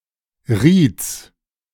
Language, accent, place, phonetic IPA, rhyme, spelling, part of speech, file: German, Germany, Berlin, [ʁiːt͡s], -iːt͡s, Rieds, noun, De-Rieds.ogg
- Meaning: genitive of Ried